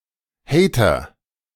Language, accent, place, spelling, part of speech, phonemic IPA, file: German, Germany, Berlin, Hater, noun, /ˈhɛɪ̯tɐ/, De-Hater.ogg
- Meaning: hater, troll